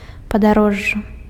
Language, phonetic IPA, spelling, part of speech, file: Belarusian, [padaˈroʐːa], падарожжа, noun, Be-падарожжа.ogg
- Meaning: travel, trip